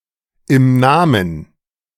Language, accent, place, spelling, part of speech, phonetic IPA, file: German, Germany, Berlin, im Namen, phrase, [ɪm ˈnaːmən], De-im Namen.ogg
- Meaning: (preposition) on behalf of; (adverb) on behalf